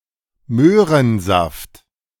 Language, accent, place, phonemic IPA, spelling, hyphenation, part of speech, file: German, Germany, Berlin, /ˈmøːʁənˌzaft/, Möhrensaft, Möh‧ren‧saft, noun, De-Möhrensaft.ogg
- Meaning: carrot juice